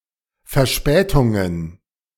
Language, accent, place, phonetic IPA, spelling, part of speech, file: German, Germany, Berlin, [fɛɐ̯ˈʃpɛːtʊŋən], Verspätungen, noun, De-Verspätungen.ogg
- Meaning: plural of Verspätung